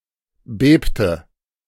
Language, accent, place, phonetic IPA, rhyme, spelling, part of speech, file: German, Germany, Berlin, [ˈbeːptə], -eːptə, bebte, verb, De-bebte.ogg
- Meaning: inflection of beben: 1. first/third-person singular preterite 2. first/third-person singular subjunctive II